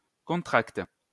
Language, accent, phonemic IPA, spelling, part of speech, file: French, France, /kɔ̃.tʁakt/, contracte, verb, LL-Q150 (fra)-contracte.wav
- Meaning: inflection of contracter: 1. first/third-person singular present indicative/subjunctive 2. second-person singular imperative